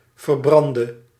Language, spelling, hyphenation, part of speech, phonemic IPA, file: Dutch, verbrande, ver‧bran‧de, verb, /vərˈbrɑn.də/, Nl-verbrande.ogg
- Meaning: 1. singular present subjunctive of verbranden 2. inflection of verbrand: masculine/feminine singular attributive 3. inflection of verbrand: definite neuter singular attributive